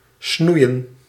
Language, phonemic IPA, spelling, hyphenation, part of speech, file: Dutch, /ˈsnui̯ə(n)/, snoeien, snoe‧ien, verb, Nl-snoeien.ogg
- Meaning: 1. to prune (trim a tree or shrub) 2. to prune (cut down or shorten)